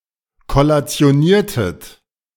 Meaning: inflection of kollationieren: 1. second-person plural preterite 2. second-person plural subjunctive II
- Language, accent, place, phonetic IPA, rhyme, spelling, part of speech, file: German, Germany, Berlin, [kɔlat͡si̯oˈniːɐ̯tət], -iːɐ̯tət, kollationiertet, verb, De-kollationiertet.ogg